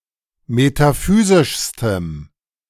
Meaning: strong dative masculine/neuter singular superlative degree of metaphysisch
- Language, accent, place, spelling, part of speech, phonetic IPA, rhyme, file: German, Germany, Berlin, metaphysischstem, adjective, [metaˈfyːzɪʃstəm], -yːzɪʃstəm, De-metaphysischstem.ogg